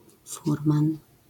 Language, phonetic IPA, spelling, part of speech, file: Polish, [ˈfurmãn], furman, noun, LL-Q809 (pol)-furman.wav